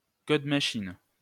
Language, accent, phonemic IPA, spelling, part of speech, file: French, France, /kɔd ma.ʃin/, code machine, noun, LL-Q150 (fra)-code machine.wav
- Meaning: machine code